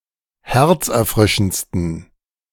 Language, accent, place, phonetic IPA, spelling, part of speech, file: German, Germany, Berlin, [ˈhɛʁt͡sʔɛɐ̯ˌfʁɪʃn̩t͡stən], herzerfrischendsten, adjective, De-herzerfrischendsten.ogg
- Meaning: 1. superlative degree of herzerfrischend 2. inflection of herzerfrischend: strong genitive masculine/neuter singular superlative degree